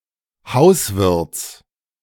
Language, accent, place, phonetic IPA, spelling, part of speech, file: German, Germany, Berlin, [ˈhaʊ̯sˌvɪʁt͡s], Hauswirts, noun, De-Hauswirts.ogg
- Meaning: genitive singular of Hauswirt